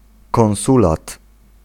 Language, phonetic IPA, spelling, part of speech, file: Polish, [kɔ̃w̃ˈsulat], konsulat, noun, Pl-konsulat.ogg